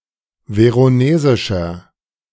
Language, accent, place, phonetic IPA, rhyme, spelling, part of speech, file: German, Germany, Berlin, [ˌveʁoˈneːzɪʃɐ], -eːzɪʃɐ, veronesischer, adjective, De-veronesischer.ogg
- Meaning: 1. comparative degree of veronesisch 2. inflection of veronesisch: strong/mixed nominative masculine singular 3. inflection of veronesisch: strong genitive/dative feminine singular